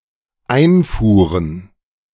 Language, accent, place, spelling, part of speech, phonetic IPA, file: German, Germany, Berlin, einfuhren, verb, [ˈaɪ̯nˌfuːʁən], De-einfuhren.ogg
- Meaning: first/third-person plural dependent preterite of einfahren